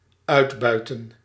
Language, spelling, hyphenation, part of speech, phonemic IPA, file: Dutch, uitbuiten, uit‧bui‧ten, verb, /ˈœy̯tˌbœy̯.tə(n)/, Nl-uitbuiten.ogg
- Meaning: to exploit, to take advantage of, to benefit abusively from